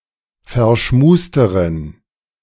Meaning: inflection of verschmust: 1. strong genitive masculine/neuter singular comparative degree 2. weak/mixed genitive/dative all-gender singular comparative degree
- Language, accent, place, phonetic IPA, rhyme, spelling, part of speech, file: German, Germany, Berlin, [fɛɐ̯ˈʃmuːstəʁən], -uːstəʁən, verschmusteren, adjective, De-verschmusteren.ogg